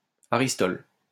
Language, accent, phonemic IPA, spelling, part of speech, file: French, France, /a.ʁis.tɔl/, aristol, noun, LL-Q150 (fra)-aristol.wav
- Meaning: an antiseptic made from thymol and iodine